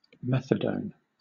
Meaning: A powerful synthetic analgesic drug which is similar to morphine in its effects but less sedative and is used as a substitute drug in the treatment of morphine and heroin addiction
- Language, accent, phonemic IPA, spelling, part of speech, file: English, Southern England, /ˈmɛθ.əd.əʊn/, methadone, noun, LL-Q1860 (eng)-methadone.wav